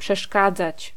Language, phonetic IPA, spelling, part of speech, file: Polish, [pʃɛˈʃkad͡zat͡ɕ], przeszkadzać, verb, Pl-przeszkadzać.ogg